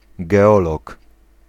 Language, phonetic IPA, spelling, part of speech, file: Polish, [ɡɛˈɔlɔk], geolog, noun, Pl-geolog.ogg